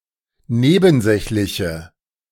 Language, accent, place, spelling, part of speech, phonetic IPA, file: German, Germany, Berlin, nebensächliche, adjective, [ˈneːbn̩ˌzɛçlɪçə], De-nebensächliche.ogg
- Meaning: inflection of nebensächlich: 1. strong/mixed nominative/accusative feminine singular 2. strong nominative/accusative plural 3. weak nominative all-gender singular